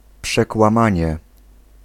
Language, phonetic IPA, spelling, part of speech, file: Polish, [ˌpʃɛkwãˈmãɲɛ], przekłamanie, noun, Pl-przekłamanie.ogg